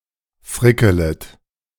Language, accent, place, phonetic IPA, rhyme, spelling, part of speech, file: German, Germany, Berlin, [ˈfʁɪkələt], -ɪkələt, frickelet, verb, De-frickelet.ogg
- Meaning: second-person plural subjunctive I of frickeln